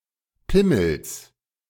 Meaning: genitive singular of Pimmel
- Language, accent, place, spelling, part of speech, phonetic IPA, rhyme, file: German, Germany, Berlin, Pimmels, noun, [ˈpɪml̩s], -ɪml̩s, De-Pimmels.ogg